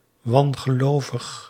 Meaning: 1. superstitious 2. unorthodox 3. irreligious
- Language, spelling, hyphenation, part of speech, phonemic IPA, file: Dutch, wangelovig, wan‧ge‧lo‧vig, adjective, /ˌʋɑn.ɣəˈloː.vəx/, Nl-wangelovig.ogg